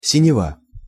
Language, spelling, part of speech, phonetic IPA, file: Russian, синева, noun, [sʲɪnʲɪˈva], Ru-синева.ogg
- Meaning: 1. blue colour/color, blue 2. clear sky